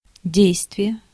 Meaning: 1. action, activity 2. effect, efficacy 3. influence, impact 4. operation 5. act
- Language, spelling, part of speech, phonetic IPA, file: Russian, действие, noun, [ˈdʲejstvʲɪje], Ru-действие.ogg